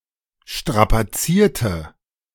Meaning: inflection of strapazieren: 1. first/third-person singular preterite 2. first/third-person singular subjunctive II
- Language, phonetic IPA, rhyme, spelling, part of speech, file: German, [ˌʃtʁapaˈt͡siːɐ̯tə], -iːɐ̯tə, strapazierte, adjective / verb, De-strapazierte.oga